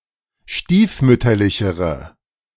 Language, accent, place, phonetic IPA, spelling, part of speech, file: German, Germany, Berlin, [ˈʃtiːfˌmʏtɐlɪçəʁə], stiefmütterlichere, adjective, De-stiefmütterlichere.ogg
- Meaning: inflection of stiefmütterlich: 1. strong/mixed nominative/accusative feminine singular comparative degree 2. strong nominative/accusative plural comparative degree